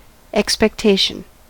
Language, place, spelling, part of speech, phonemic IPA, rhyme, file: English, California, expectation, noun, /ˌɛk.spɛkˈteɪ.ʃən/, -eɪʃən, En-us-expectation.ogg
- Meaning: 1. The act or state of expecting or looking forward to an event as about to happen 2. That which is expected or looked for